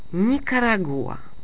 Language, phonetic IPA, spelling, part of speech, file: Polish, [ˌɲikaraˈɡuʷa], Nikaragua, proper noun, Pl-Nikaragua.ogg